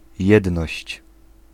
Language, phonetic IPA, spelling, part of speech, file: Polish, [ˈjɛdnɔɕt͡ɕ], jedność, noun, Pl-jedność.ogg